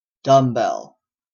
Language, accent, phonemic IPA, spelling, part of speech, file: English, Canada, /ˈdʌm.bɛl/, dumbbell, noun, En-ca-dumbbell.oga
- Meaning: 1. A weight training implement consisting of a short bar with weight counterpoised on each end 2. A bell with no clapper, used as bell-striking practice or to strike as a form of physical exercise